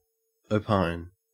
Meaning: 1. To express an opinion; to state as an opinion; to suppose, consider (that) 2. To give one's formal opinion (on or upon something) 3. To suppose, consider as correct, or entertain, an opinion
- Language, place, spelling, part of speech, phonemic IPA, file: English, Queensland, opine, verb, /əʉˈpɑen/, En-au-opine.ogg